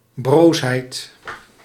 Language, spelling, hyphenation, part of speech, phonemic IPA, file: Dutch, broosheid, broos‧heid, noun, /ˈbroːs.ɦɛi̯t/, Nl-broosheid.ogg
- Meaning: fragility